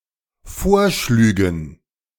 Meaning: first/third-person plural dependent subjunctive II of vorschlagen
- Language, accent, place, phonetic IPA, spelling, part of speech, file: German, Germany, Berlin, [ˈfoːɐ̯ˌʃlyːɡn̩], vorschlügen, verb, De-vorschlügen.ogg